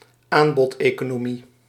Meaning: supply-side economics
- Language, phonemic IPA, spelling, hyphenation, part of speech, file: Dutch, /ˈaːn.bɔt.eː.koː.noːˌmi/, aanbodeconomie, aan‧bod‧eco‧no‧mie, noun, Nl-aanbodeconomie.ogg